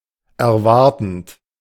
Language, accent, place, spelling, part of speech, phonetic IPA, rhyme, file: German, Germany, Berlin, erwartend, verb, [ɛɐ̯ˈvaʁtn̩t], -aʁtn̩t, De-erwartend.ogg
- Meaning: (verb) present participle of erwarten; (adjective) 1. expecting, awaiting 2. expectant